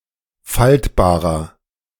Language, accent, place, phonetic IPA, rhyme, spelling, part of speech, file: German, Germany, Berlin, [ˈfaltbaːʁɐ], -altbaːʁɐ, faltbarer, adjective, De-faltbarer.ogg
- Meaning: 1. comparative degree of faltbar 2. inflection of faltbar: strong/mixed nominative masculine singular 3. inflection of faltbar: strong genitive/dative feminine singular